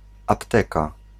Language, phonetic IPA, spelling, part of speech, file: Polish, [apˈtɛka], apteka, noun, Pl-apteka.ogg